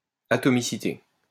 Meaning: atomicity
- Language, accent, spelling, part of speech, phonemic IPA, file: French, France, atomicité, noun, /a.tɔ.mi.si.te/, LL-Q150 (fra)-atomicité.wav